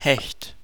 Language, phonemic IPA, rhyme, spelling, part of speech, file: German, /hɛçt/, -ɛçt, Hecht, noun, De-Hecht.ogg
- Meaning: 1. pike (fish), luce 2. a bloke, a guy, especially an admired, self-confident, or arrogant one